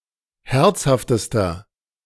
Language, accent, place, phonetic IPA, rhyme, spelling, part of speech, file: German, Germany, Berlin, [ˈhɛʁt͡shaftəstɐ], -ɛʁt͡shaftəstɐ, herzhaftester, adjective, De-herzhaftester.ogg
- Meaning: inflection of herzhaft: 1. strong/mixed nominative masculine singular superlative degree 2. strong genitive/dative feminine singular superlative degree 3. strong genitive plural superlative degree